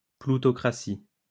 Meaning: plutocracy
- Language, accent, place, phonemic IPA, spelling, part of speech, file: French, France, Lyon, /plu.tɔ.kʁa.si/, ploutocratie, noun, LL-Q150 (fra)-ploutocratie.wav